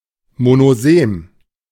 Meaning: monosemous
- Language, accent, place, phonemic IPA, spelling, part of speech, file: German, Germany, Berlin, /monoˈzeːm/, monosem, adjective, De-monosem.ogg